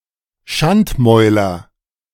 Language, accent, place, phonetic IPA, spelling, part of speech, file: German, Germany, Berlin, [ˈʃantˌmɔɪ̯lɐ], Schandmäuler, noun, De-Schandmäuler.ogg
- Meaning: nominative/accusative/genitive plural of Schandmaul